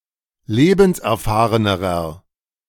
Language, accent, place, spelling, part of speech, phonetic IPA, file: German, Germany, Berlin, lebenserfahrenerer, adjective, [ˈleːbn̩sʔɛɐ̯ˌfaːʁənəʁɐ], De-lebenserfahrenerer.ogg
- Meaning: inflection of lebenserfahren: 1. strong/mixed nominative masculine singular comparative degree 2. strong genitive/dative feminine singular comparative degree